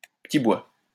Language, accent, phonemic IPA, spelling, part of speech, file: French, France, /pə.ti bwa/, petit bois, noun, LL-Q150 (fra)-petit bois.wav
- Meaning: kindling (wood used to light fire)